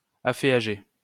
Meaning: to enfeoff
- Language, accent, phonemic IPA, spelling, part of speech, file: French, France, /a.fe.a.ʒe/, afféager, verb, LL-Q150 (fra)-afféager.wav